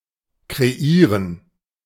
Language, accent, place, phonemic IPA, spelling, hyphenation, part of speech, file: German, Germany, Berlin, /kʁeˈʔiːʁən/, kreieren, kre‧ie‧ren, verb, De-kreieren.ogg
- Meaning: to design; to shape; to create (a composition, a fashion line, etc.)